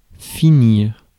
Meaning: 1. to finish, end, complete 2. to end up
- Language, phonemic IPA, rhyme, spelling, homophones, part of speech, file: French, /fi.niʁ/, -iʁ, finir, finirent, verb, Fr-finir.ogg